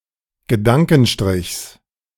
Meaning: genitive singular of Gedankenstrich
- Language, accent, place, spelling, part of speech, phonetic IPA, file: German, Germany, Berlin, Gedankenstrichs, noun, [ɡəˈdaŋkn̩ˌʃtʁɪçs], De-Gedankenstrichs.ogg